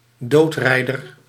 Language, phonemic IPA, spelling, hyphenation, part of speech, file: Dutch, /ˈdoːtˌrɛi̯.dər/, doodrijder, dood‧rij‧der, noun, Nl-doodrijder.ogg
- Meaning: 1. a maniacal driver 2. one who killed someone by driving (e.g. running over or colliding)